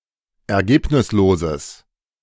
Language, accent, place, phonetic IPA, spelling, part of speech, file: German, Germany, Berlin, [ɛɐ̯ˈɡeːpnɪsloːzəs], ergebnisloses, adjective, De-ergebnisloses.ogg
- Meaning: strong/mixed nominative/accusative neuter singular of ergebnislos